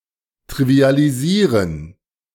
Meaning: trivialize
- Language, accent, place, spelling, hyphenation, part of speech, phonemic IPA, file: German, Germany, Berlin, trivialisieren, tri‧vi‧a‧li‧sie‧ren, verb, /ˌtʁivi̯aːliˈziːɐ̯n/, De-trivialisieren.ogg